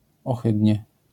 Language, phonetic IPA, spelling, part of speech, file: Polish, [ɔˈxɨdʲɲɛ], ohydnie, adverb, LL-Q809 (pol)-ohydnie.wav